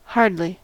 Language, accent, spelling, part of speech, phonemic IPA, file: English, US, hardly, adverb / interjection, /ˈhɑɹdli/, En-us-hardly.ogg
- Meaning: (adverb) 1. Barely, only just, almost not 2. Certainly not; not at all 3. With difficulty 4. Harshly, severely; in a hard manner 5. Firmly, vigorously, with strength or exertion